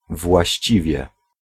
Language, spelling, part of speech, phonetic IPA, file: Polish, właściwie, particle / adverb, [vwaɕˈt͡ɕivʲjɛ], Pl-właściwie.ogg